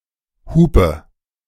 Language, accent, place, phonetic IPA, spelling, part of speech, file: German, Germany, Berlin, [ˈhuːpə], Hupe, noun, De-Hupe.ogg
- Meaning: 1. horn, hooter (a sound-emitting device in and for cars) 2. hooter, bazonga, poont